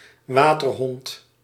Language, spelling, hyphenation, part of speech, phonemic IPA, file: Dutch, waterhond, wa‧ter‧hond, noun, /ˈʋaːtərɦɔnt/, Nl-waterhond.ogg
- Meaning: water dog